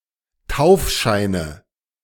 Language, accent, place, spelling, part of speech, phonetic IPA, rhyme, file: German, Germany, Berlin, Taufscheine, noun, [ˈtaʊ̯fˌʃaɪ̯nə], -aʊ̯fʃaɪ̯nə, De-Taufscheine.ogg
- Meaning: nominative/accusative/genitive plural of Taufschein